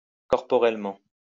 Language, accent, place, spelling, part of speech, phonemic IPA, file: French, France, Lyon, corporellement, adverb, /kɔʁ.pɔ.ʁɛl.mɑ̃/, LL-Q150 (fra)-corporellement.wav
- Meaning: bodily, corporally